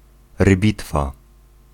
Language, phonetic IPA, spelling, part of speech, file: Polish, [rɨˈbʲitfa], rybitwa, noun, Pl-rybitwa.ogg